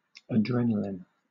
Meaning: 1. Epinephrine, the hormone and neurotransmitter 2. Excitement; thrills
- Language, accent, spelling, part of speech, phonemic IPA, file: English, Southern England, adrenaline, noun, /əˈdɹɛnəlɪn/, LL-Q1860 (eng)-adrenaline.wav